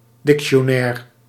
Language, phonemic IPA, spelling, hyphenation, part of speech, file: Dutch, /ˌdɪk.ʃoːˈnɛːr/, dictionaire, dic‧ti‧o‧nai‧re, noun, Nl-dictionaire.ogg
- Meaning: dictionary